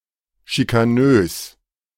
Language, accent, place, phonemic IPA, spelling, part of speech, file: German, Germany, Berlin, /ʃikaˈnøːs/, schikanös, adjective, De-schikanös.ogg
- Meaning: bullying, harassing